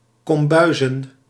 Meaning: plural of kombuis
- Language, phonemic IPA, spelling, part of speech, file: Dutch, /kɔmˈbœyzə(n)/, kombuizen, noun, Nl-kombuizen.ogg